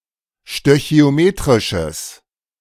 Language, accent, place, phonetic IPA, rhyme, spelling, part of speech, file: German, Germany, Berlin, [ʃtøçi̯oˈmeːtʁɪʃəs], -eːtʁɪʃəs, stöchiometrisches, adjective, De-stöchiometrisches.ogg
- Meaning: strong/mixed nominative/accusative neuter singular of stöchiometrisch